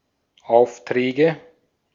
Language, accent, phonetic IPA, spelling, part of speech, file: German, Austria, [ˈaʊ̯fˌtʁɛːɡə], Aufträge, noun, De-at-Aufträge.ogg
- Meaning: nominative/accusative/genitive plural of Auftrag